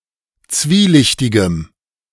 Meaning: strong dative masculine/neuter singular of zwielichtig
- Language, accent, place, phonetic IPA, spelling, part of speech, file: German, Germany, Berlin, [ˈt͡sviːˌlɪçtɪɡəm], zwielichtigem, adjective, De-zwielichtigem.ogg